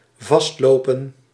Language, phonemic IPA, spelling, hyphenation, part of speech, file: Dutch, /ˈvɑstˌloː.pə(n)/, vastlopen, vast‧lo‧pen, verb, Nl-vastlopen.ogg
- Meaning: 1. to run aground 2. to jam, to get stuck (to become congested or stop functioning) 3. to hang, to freeze (to stop functioning)